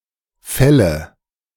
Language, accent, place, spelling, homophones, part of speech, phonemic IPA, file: German, Germany, Berlin, fälle, Felle, verb, /ˈfɛlə/, De-fälle.ogg
- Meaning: inflection of fällen: 1. first-person singular present 2. first/third-person singular subjunctive I 3. singular imperative